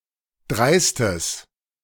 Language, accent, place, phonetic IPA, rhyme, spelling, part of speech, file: German, Germany, Berlin, [ˈdʁaɪ̯stəs], -aɪ̯stəs, dreistes, adjective, De-dreistes.ogg
- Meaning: strong/mixed nominative/accusative neuter singular of dreist